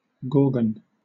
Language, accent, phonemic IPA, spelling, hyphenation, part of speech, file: English, Southern England, /ˈɡɔːrɡən/, gorgon, gor‧gon, noun / adjective, LL-Q1860 (eng)-gorgon.wav
- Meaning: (noun) A vicious female monster from Greek mythology with sharp fangs and hair of living, venomous snakes. One of the three sisters: Medusa, Stheno and Euryale